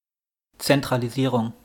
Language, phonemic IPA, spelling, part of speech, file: German, /ˌt͡sɛntʁaliˈziːʁʊŋ/, Zentralisierung, noun, De-Zentralisierung.wav
- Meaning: centralization